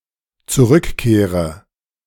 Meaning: inflection of zurückkehren: 1. first-person singular dependent present 2. first/third-person singular dependent subjunctive I
- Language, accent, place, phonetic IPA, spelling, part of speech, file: German, Germany, Berlin, [t͡suˈʁʏkˌkeːʁə], zurückkehre, verb, De-zurückkehre.ogg